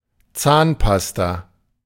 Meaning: toothpaste
- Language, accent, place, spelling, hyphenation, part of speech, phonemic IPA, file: German, Germany, Berlin, Zahnpasta, Zahn‧pas‧ta, noun, /ˈtsaːnˌpasta/, De-Zahnpasta.ogg